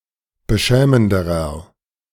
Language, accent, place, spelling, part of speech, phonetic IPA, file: German, Germany, Berlin, beschämenderer, adjective, [bəˈʃɛːməndəʁɐ], De-beschämenderer.ogg
- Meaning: inflection of beschämend: 1. strong/mixed nominative masculine singular comparative degree 2. strong genitive/dative feminine singular comparative degree 3. strong genitive plural comparative degree